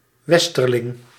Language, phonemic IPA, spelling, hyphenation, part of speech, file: Dutch, /ˈwɛstərlɪŋ/, westerling, wes‧ter‧ling, noun, Nl-westerling.ogg
- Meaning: westerner, someone living in, coming from or associated with the west of the world, a country etc